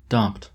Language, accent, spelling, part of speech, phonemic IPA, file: English, General American, dompt, verb, /dɑm(p)t/, En-us-dompt.oga
- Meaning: To bring (something) under control; to overcome, to subdue